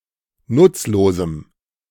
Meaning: strong dative masculine/neuter singular of nutzlos
- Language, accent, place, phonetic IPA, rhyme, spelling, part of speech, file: German, Germany, Berlin, [ˈnʊt͡sloːzm̩], -ʊt͡sloːzm̩, nutzlosem, adjective, De-nutzlosem.ogg